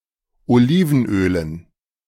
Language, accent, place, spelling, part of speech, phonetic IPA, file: German, Germany, Berlin, Olivenölen, noun, [oˈliːvn̩ˌʔøːlən], De-Olivenölen.ogg
- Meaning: dative plural of Olivenöl